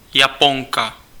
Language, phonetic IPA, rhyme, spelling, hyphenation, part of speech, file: Czech, [ˈjapoŋka], -oŋka, Japonka, Ja‧pon‧ka, noun, Cs-Japonka.ogg
- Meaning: Japanese (female person)